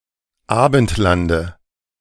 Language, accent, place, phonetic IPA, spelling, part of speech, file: German, Germany, Berlin, [ˈaːbn̩tˌlandə], Abendlande, noun, De-Abendlande.ogg
- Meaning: dative singular of Abendland